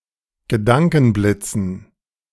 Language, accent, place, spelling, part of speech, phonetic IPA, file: German, Germany, Berlin, Gedankenblitzen, noun, [ɡəˈdaŋkn̩ˌblɪt͡sn̩], De-Gedankenblitzen.ogg
- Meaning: dative plural of Gedankenblitz